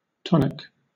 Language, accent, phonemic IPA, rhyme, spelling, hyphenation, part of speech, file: English, Southern England, /ˈtɒnɪk/, -ɒnɪk, tonic, ton‧ic, adjective / noun / verb, LL-Q1860 (eng)-tonic.wav
- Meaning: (adjective) 1. Pertaining to tension, especially of the muscles 2. Restorative; curative; or invigorating 3. In a state of continuous unremitting action